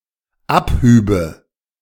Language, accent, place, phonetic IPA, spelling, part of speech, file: German, Germany, Berlin, [ˈapˌhyːbə], abhübe, verb, De-abhübe.ogg
- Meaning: first/third-person singular dependent subjunctive II of abheben